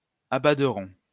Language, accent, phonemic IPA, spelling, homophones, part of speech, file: French, France, /a.ba.dʁɔ̃/, abaderont, abaderons, verb, LL-Q150 (fra)-abaderont.wav
- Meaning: third-person plural simple future of abader